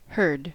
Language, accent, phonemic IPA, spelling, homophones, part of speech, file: English, US, /ˈhɝd/, heard, herd / Hurd, verb / adjective / interjection / noun, En-us-heard.ogg
- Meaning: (verb) simple past and past participle of hear; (adjective) That has been perceived aurally; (interjection) I understand; gotcha; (noun) Obsolete form of herd